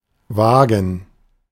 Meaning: plural of Waage
- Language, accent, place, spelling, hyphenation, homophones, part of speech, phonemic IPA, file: German, Germany, Berlin, Waagen, Waa‧gen, vagen / wagen / Wagen, noun, /ˈvaːɡən/, De-Waagen.ogg